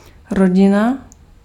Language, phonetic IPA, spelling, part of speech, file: Czech, [ˈroɟɪna], rodina, noun, Cs-rodina.ogg
- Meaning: family